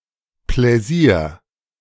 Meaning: pleasure
- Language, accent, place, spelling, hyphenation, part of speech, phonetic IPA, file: German, Germany, Berlin, Pläsier, Plä‧sier, noun, [ˌplɛˈziːɐ̯], De-Pläsier.ogg